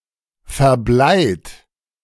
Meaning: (verb) past participle of verbleien; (adjective) leaded
- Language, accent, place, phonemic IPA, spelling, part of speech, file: German, Germany, Berlin, /fɛɐ̯ˈblaɪ̯t/, verbleit, verb / adjective, De-verbleit.ogg